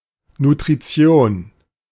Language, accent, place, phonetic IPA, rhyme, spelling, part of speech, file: German, Germany, Berlin, [nutʁiˈt͡si̯oːn], -oːn, Nutrition, noun, De-Nutrition.ogg
- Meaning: nutrition